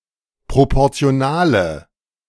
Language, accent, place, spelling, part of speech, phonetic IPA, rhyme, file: German, Germany, Berlin, proportionale, adjective, [ˌpʁopɔʁt͡si̯oˈnaːlə], -aːlə, De-proportionale.ogg
- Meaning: inflection of proportional: 1. strong/mixed nominative/accusative feminine singular 2. strong nominative/accusative plural 3. weak nominative all-gender singular